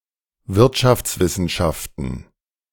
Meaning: plural of Wirtschaftswissenschaft
- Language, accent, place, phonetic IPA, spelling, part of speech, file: German, Germany, Berlin, [ˈvɪʁtʃaft͡sˌvɪsn̩ʃaftn̩], Wirtschaftswissenschaften, noun, De-Wirtschaftswissenschaften.ogg